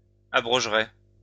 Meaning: third-person singular conditional of abroger
- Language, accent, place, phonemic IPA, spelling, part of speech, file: French, France, Lyon, /a.bʁɔʒ.ʁɛ/, abrogerait, verb, LL-Q150 (fra)-abrogerait.wav